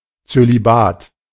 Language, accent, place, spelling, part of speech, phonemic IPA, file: German, Germany, Berlin, Zölibat, noun, /tsø.liˈbaːt/, De-Zölibat.ogg
- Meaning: celibacy (sexual abstinence)